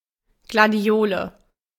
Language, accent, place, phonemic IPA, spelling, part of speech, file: German, Germany, Berlin, /ˌɡlaˈdi̯oːlə/, Gladiole, noun, De-Gladiole.ogg
- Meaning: gladiolus, sword lily (plant of the genus Gladiolus)